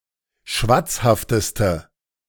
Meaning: inflection of schwatzhaft: 1. strong/mixed nominative/accusative feminine singular superlative degree 2. strong nominative/accusative plural superlative degree
- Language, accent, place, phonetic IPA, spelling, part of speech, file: German, Germany, Berlin, [ˈʃvat͡sˌhaftəstə], schwatzhafteste, adjective, De-schwatzhafteste.ogg